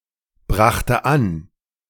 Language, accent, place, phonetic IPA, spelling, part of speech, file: German, Germany, Berlin, [ˌbʁaxtə ˈan], brachte an, verb, De-brachte an.ogg
- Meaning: first/third-person singular preterite of anbringen